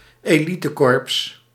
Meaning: elite corps
- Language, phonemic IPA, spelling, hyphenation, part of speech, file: Dutch, /eːˈli.təˌkɔrps/, elitekorps, eli‧te‧korps, noun, Nl-elitekorps.ogg